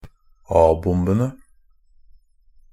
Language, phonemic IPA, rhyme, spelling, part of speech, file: Norwegian Bokmål, /ˈɑːbʊmbənə/, -ənə, a-bombene, noun, NB - Pronunciation of Norwegian Bokmål «a-bombene».ogg
- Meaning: definite plural of a-bombe